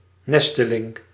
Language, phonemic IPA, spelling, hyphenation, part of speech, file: Dutch, /ˈnɛstəˌlɪŋ/, nesteling, nes‧te‧ling, noun, Nl-nesteling.ogg
- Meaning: 1. nesting, the making of a nest 2. a nestling (chick confined to the nest)